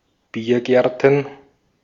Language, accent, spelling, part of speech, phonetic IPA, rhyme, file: German, Austria, Biergärten, noun, [ˈbiːɐ̯ˌɡɛʁtn̩], -iːɐ̯ɡɛʁtn̩, De-at-Biergärten.ogg
- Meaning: plural of Biergarten